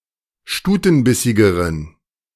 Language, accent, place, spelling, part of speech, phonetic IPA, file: German, Germany, Berlin, stutenbissigeren, adjective, [ˈʃtuːtn̩ˌbɪsɪɡəʁən], De-stutenbissigeren.ogg
- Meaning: inflection of stutenbissig: 1. strong genitive masculine/neuter singular comparative degree 2. weak/mixed genitive/dative all-gender singular comparative degree